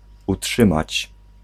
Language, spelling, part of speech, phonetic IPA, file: Polish, utrzymać, verb, [uˈṭʃɨ̃mat͡ɕ], Pl-utrzymać.ogg